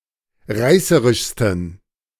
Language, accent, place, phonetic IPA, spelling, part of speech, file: German, Germany, Berlin, [ˈʁaɪ̯səʁɪʃstn̩], reißerischsten, adjective, De-reißerischsten.ogg
- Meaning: 1. superlative degree of reißerisch 2. inflection of reißerisch: strong genitive masculine/neuter singular superlative degree